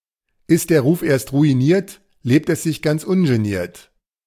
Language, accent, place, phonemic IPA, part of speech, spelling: German, Germany, Berlin, /ˌɪst dɛɐ̯ ˈʁuːf eːɐ̯st ʁuiˌniːɐ̯t ˌleːpt əs zɪç ɡant͡s ˈʊnʒeˌniːɐ̯t/, proverb, ist der Ruf erst ruiniert, lebt es sich ganz ungeniert
- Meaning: once your reputation has been ruined, you can worry less about social convention and live life more freely; ≈ if you've got the name, you might as well have the game